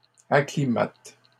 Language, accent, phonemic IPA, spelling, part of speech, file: French, Canada, /a.kli.mat/, acclimatent, verb, LL-Q150 (fra)-acclimatent.wav
- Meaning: third-person plural present indicative/subjunctive of acclimater